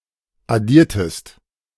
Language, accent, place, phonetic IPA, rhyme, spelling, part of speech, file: German, Germany, Berlin, [aˈdiːɐ̯təst], -iːɐ̯təst, addiertest, verb, De-addiertest.ogg
- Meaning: inflection of addieren: 1. second-person singular preterite 2. second-person singular subjunctive II